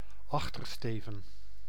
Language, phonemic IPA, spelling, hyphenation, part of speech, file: Dutch, /ˈɑx.tərˌsteː.və(n)/, achtersteven, ach‧ter‧ste‧ven, noun, Nl-achtersteven.ogg
- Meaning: stern